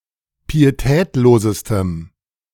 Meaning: strong dative masculine/neuter singular superlative degree of pietätlos
- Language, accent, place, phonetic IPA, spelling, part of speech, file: German, Germany, Berlin, [piːeˈtɛːtloːzəstəm], pietätlosestem, adjective, De-pietätlosestem.ogg